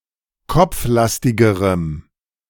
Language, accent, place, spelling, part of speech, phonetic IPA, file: German, Germany, Berlin, kopflastigerem, adjective, [ˈkɔp͡fˌlastɪɡəʁəm], De-kopflastigerem.ogg
- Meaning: strong dative masculine/neuter singular comparative degree of kopflastig